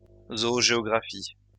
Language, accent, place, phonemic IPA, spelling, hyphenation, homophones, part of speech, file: French, France, Lyon, /zɔ.o.ʒe.ɔ.ɡʁa.fi/, zoogéographie, zo‧o‧géo‧gra‧phie, zoogéographies, noun, LL-Q150 (fra)-zoogéographie.wav
- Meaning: zoogeography